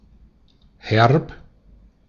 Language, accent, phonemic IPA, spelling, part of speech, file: German, Austria, /hɛrp/, herb, adjective, De-at-herb.ogg
- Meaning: 1. slightly bitter or sharp to the taste, often in a pleasant way; tart (but not in the sense of “sour”) 2. harsh; hard